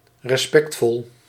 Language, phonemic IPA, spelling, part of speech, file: Dutch, /rɛsˈpɛktfɔl/, respectvol, adjective, Nl-respectvol.ogg
- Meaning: respectful, showing respect